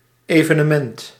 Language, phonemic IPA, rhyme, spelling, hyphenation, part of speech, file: Dutch, /ˌeː.və.nəˈmɛnt/, -ɛnt, evenement, eve‧ne‧ment, noun, Nl-evenement.ogg
- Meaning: occurrence of social importance; event